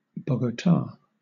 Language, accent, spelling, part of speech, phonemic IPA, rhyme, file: English, Southern England, Bogota, proper noun, /ˌboʊɡəˈtɑː/, -ɑː, LL-Q1860 (eng)-Bogota.wav
- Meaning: Alternative spelling of Bogotá: the capital city of Colombia